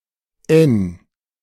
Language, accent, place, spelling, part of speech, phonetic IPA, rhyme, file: German, Germany, Berlin, n, character, [ɛn], -ɛn, De-n.ogg
- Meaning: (character) The fourteenth letter of the German alphabet, written in the Latin script; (noun) alternative letter-case form of N; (article) nonstandard form of 'n